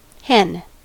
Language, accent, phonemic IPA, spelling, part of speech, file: English, US, /hɪn/, hen, noun / verb / adverb, En-us-hen.ogg
- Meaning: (noun) 1. A female chicken (Gallus gallus), especially a sexually mature one kept for her eggs 2. A female of other bird species, particularly a sexually mature female fowl